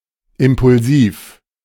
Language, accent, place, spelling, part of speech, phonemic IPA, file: German, Germany, Berlin, impulsiv, adjective, /ˌɪmpʊlˈziːf/, De-impulsiv.ogg
- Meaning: impulsive